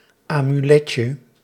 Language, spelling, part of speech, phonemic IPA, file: Dutch, amuletje, noun, /amyˈlɛcə/, Nl-amuletje.ogg
- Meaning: diminutive of amulet